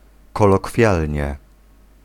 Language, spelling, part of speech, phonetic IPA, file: Polish, kolokwialnie, adverb, [ˌkɔlɔˈkfʲjalʲɲɛ], Pl-kolokwialnie.ogg